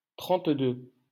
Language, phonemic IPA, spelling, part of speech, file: French, /tʁɑ̃t.dø/, trente-deux, numeral, LL-Q150 (fra)-trente-deux.wav
- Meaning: thirty-two